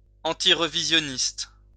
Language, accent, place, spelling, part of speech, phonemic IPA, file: French, France, Lyon, antirevisionniste, adjective, /ɑ̃.ti.ʁ(ə).vi.zjɔ.nist/, LL-Q150 (fra)-antirevisionniste.wav
- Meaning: alternative form of antirévisionniste